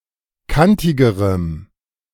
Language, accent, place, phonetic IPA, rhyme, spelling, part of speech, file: German, Germany, Berlin, [ˈkantɪɡəʁəm], -antɪɡəʁəm, kantigerem, adjective, De-kantigerem.ogg
- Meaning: strong dative masculine/neuter singular comparative degree of kantig